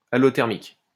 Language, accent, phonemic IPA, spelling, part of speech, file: French, France, /a.lɔ.tɛʁ.mik/, allothermique, adjective, LL-Q150 (fra)-allothermique.wav
- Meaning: allothermal, allothermic